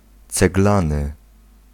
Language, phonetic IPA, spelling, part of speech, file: Polish, [t͡sɛɡˈlãnɨ], ceglany, adjective, Pl-ceglany.ogg